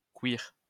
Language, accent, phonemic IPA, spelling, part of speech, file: French, France, /kwiʁ/, queer, adjective, LL-Q150 (fra)-queer.wav
- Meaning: queer (not confirming to conventional sexual or gender norms)